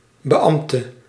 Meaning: official, public servant
- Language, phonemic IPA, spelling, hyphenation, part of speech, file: Dutch, /bəˈɑm(p).tə/, beambte, be‧amb‧te, noun, Nl-beambte.ogg